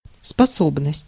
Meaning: 1. ability, capability (the quality or state of being able) 2. faculty 3. capacity 4. talent (often plural) 5. power 6. quality
- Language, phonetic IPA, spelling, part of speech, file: Russian, [spɐˈsobnəsʲtʲ], способность, noun, Ru-способность.ogg